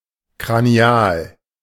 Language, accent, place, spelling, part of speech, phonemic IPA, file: German, Germany, Berlin, kranial, adjective, /kʁaniˈaːl/, De-kranial.ogg
- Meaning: skull; cranial (of or relating to the cranium, or to the skull)